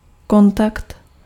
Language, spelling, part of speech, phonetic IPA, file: Czech, kontakt, noun, [ˈkontakt], Cs-kontakt.ogg
- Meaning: contact